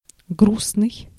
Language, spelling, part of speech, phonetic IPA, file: Russian, грустный, adjective, [ˈɡrusnɨj], Ru-грустный.ogg
- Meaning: sad